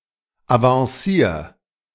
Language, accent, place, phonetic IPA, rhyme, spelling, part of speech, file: German, Germany, Berlin, [avɑ̃ˈsiːɐ̯], -iːɐ̯, avancier, verb, De-avancier.ogg
- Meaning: 1. singular imperative of avancieren 2. first-person singular present of avancieren